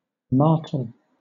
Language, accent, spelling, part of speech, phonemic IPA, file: English, Southern England, martel, noun / verb, /ˈmɑːtəl/, LL-Q1860 (eng)-martel.wav
- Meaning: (noun) A hammer, especially a war hammer; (verb) To strike a blow with, or as with, a hammer